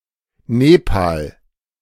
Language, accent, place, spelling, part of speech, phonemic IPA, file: German, Germany, Berlin, Nepal, proper noun, /ˈneːpa(ː)l/, De-Nepal.ogg
- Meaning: Nepal (a country in South Asia, located between China and India)